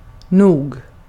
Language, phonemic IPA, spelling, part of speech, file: Swedish, /nuːɡ/, nog, adverb, Sv-nog.ogg
- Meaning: 1. enough, sufficient 2. probably